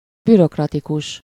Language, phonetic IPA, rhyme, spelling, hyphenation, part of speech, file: Hungarian, [ˈbyrokrɒtikuʃ], -uʃ, bürokratikus, bü‧rok‧ra‧ti‧kus, adjective, Hu-bürokratikus.ogg
- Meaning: bureaucratic